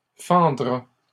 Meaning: third-person singular future of fendre
- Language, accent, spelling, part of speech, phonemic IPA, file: French, Canada, fendra, verb, /fɑ̃.dʁa/, LL-Q150 (fra)-fendra.wav